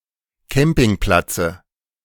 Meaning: dative singular of Campingplatz
- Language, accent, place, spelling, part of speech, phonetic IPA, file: German, Germany, Berlin, Campingplatze, noun, [ˈkɛmpɪŋˌplat͡sə], De-Campingplatze.ogg